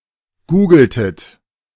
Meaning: inflection of googeln: 1. second-person plural preterite 2. second-person plural subjunctive II
- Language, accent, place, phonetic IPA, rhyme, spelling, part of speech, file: German, Germany, Berlin, [ˈɡuːɡl̩tət], -uːɡl̩tət, googeltet, verb, De-googeltet.ogg